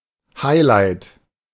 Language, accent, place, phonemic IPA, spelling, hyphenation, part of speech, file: German, Germany, Berlin, /ˈhaɪ̯laɪ̯t/, Highlight, High‧light, noun, De-Highlight.ogg
- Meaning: climax, culmination, highlight